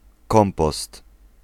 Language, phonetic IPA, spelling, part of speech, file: Polish, [ˈkɔ̃mpɔst], kompost, noun, Pl-kompost.ogg